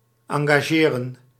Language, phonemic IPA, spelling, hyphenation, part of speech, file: Dutch, /ˌɑŋɡaːˈʒeːrə(n)/, engageren, en‧ga‧ge‧ren, verb, Nl-engageren.ogg
- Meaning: 1. to engage 2. to join 3. to book, to hire, to invite